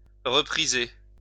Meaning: to darn
- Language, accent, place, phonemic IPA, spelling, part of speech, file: French, France, Lyon, /ʁə.pʁi.ze/, repriser, verb, LL-Q150 (fra)-repriser.wav